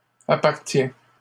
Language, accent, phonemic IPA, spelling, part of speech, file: French, Canada, /a.paʁ.tjɛ̃/, appartient, verb, LL-Q150 (fra)-appartient.wav
- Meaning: third-person singular present indicative of appartenir